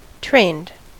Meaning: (adjective) 1. Having undergone a course of training (sometimes in combination) 2. Manipulated in shape or habit; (verb) simple past and past participle of train
- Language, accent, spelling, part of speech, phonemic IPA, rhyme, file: English, US, trained, adjective / verb, /tɹeɪnd/, -eɪnd, En-us-trained.ogg